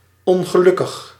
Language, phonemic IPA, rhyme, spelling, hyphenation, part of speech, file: Dutch, /ˌɔn.ɣəˈlʏ.kəx/, -ʏkəx, ongelukkig, on‧ge‧luk‧kig, adjective, Nl-ongelukkig.ogg
- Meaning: 1. unfortunate 2. unhappy